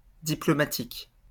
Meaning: diplomatic
- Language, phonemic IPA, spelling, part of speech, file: French, /di.plɔ.ma.tik/, diplomatique, adjective, LL-Q150 (fra)-diplomatique.wav